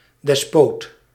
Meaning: despot
- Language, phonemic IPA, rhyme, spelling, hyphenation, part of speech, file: Dutch, /dɛsˈpoːt/, -oːt, despoot, des‧poot, noun, Nl-despoot.ogg